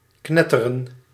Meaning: to crackle
- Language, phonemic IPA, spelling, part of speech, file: Dutch, /ˈknɛ.tə.rə(n)/, knetteren, verb, Nl-knetteren.ogg